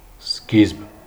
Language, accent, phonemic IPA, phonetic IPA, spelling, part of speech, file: Armenian, Eastern Armenian, /skizb/, [skizb], սկիզբ, noun, Hy-սկիզբ.ogg
- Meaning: beginning, start; commencement